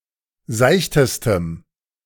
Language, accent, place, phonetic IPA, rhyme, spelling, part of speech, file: German, Germany, Berlin, [ˈzaɪ̯çtəstəm], -aɪ̯çtəstəm, seichtestem, adjective, De-seichtestem.ogg
- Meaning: strong dative masculine/neuter singular superlative degree of seicht